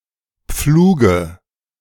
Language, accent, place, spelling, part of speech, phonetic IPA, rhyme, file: German, Germany, Berlin, Pfluge, noun, [ˈp͡fluːɡə], -uːɡə, De-Pfluge.ogg
- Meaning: dative of Pflug